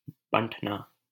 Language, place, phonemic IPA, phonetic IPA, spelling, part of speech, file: Hindi, Delhi, /bə̃ʈ.nɑː/, [bɐ̃ʈ.näː], बंटना, verb, LL-Q1568 (hin)-बंटना.wav
- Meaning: to be distributed, split, divided